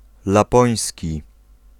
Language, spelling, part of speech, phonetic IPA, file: Polish, lapoński, adjective / noun, [laˈpɔ̃j̃sʲci], Pl-lapoński.ogg